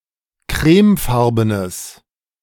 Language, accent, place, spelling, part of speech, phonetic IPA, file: German, Germany, Berlin, crèmefarbenes, adjective, [ˈkʁɛːmˌfaʁbənəs], De-crèmefarbenes.ogg
- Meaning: strong/mixed nominative/accusative neuter singular of crèmefarben